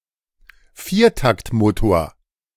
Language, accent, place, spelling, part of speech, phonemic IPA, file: German, Germany, Berlin, Viertaktmotor, noun, /ˈfiːr.takt.moː.toːɐ̯/, De-Viertaktmotor.ogg
- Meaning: four-stroke engine